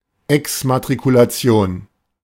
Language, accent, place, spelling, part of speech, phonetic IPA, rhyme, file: German, Germany, Berlin, Exmatrikulation, noun, [ɛksmatʁikulaˈt͡si̯oːn], -oːn, De-Exmatrikulation.ogg
- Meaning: deregistration, removal from a school's register of students (due to graduation, withdrawal, expulsion, etc)